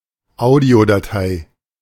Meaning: audio file
- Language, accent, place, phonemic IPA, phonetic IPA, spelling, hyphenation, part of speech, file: German, Germany, Berlin, /ˈaʊ̯diodaˌtaɪ̯/, [ˈʔaʊ̯diodaˌtʰaɪ̯], Audiodatei, Au‧dio‧da‧tei, noun, De-Audiodatei.ogg